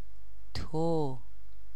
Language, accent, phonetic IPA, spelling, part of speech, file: Persian, Iran, [t̪ʰo], تو, pronoun, Fa-تو.ogg
- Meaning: 1. you, thou (informal, singular) 2. you, thee 3. your, thy